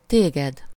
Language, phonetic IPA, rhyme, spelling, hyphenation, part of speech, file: Hungarian, [ˈteːɡɛd], -ɛd, téged, té‧ged, pronoun, Hu-téged.ogg
- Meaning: accusative of te (“you”, singular, informal): you, thee (as the direct object of a verb)